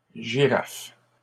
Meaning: plural of girafe
- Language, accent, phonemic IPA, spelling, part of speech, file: French, Canada, /ʒi.ʁaf/, girafes, noun, LL-Q150 (fra)-girafes.wav